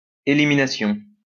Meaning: elimination
- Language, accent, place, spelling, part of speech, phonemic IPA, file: French, France, Lyon, élimination, noun, /e.li.mi.na.sjɔ̃/, LL-Q150 (fra)-élimination.wav